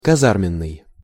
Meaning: 1. barracks 2. rude, vulgar, pejorative
- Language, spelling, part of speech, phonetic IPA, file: Russian, казарменный, adjective, [kɐˈzarmʲɪn(ː)ɨj], Ru-казарменный.ogg